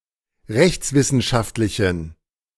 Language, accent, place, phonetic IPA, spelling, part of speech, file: German, Germany, Berlin, [ˈʁɛçt͡sˌvɪsn̩ʃaftlɪçn̩], rechtswissenschaftlichen, adjective, De-rechtswissenschaftlichen.ogg
- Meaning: inflection of rechtswissenschaftlich: 1. strong genitive masculine/neuter singular 2. weak/mixed genitive/dative all-gender singular 3. strong/weak/mixed accusative masculine singular